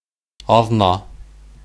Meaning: week
- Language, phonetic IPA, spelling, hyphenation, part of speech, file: Bashkir, [ɑðˈnɑ], аҙна, аҙ‧на, noun, Ba-аҙна.ogg